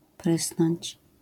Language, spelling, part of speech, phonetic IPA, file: Polish, prysnąć, verb, [ˈprɨsnɔ̃ɲt͡ɕ], LL-Q809 (pol)-prysnąć.wav